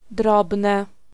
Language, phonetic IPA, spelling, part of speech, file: Polish, [ˈdrɔbnɛ], drobne, noun / adjective, Pl-drobne.ogg